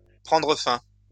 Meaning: 1. to become void 2. to come to an end
- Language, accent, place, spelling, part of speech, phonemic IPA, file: French, France, Lyon, prendre fin, verb, /pʁɑ̃.dʁə fɛ̃/, LL-Q150 (fra)-prendre fin.wav